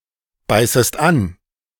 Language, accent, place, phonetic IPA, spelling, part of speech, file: German, Germany, Berlin, [ˌbaɪ̯səst ˈan], beißest an, verb, De-beißest an.ogg
- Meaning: second-person singular subjunctive I of anbeißen